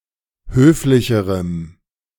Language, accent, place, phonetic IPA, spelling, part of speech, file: German, Germany, Berlin, [ˈhøːflɪçəʁəm], höflicherem, adjective, De-höflicherem.ogg
- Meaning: strong dative masculine/neuter singular comparative degree of höflich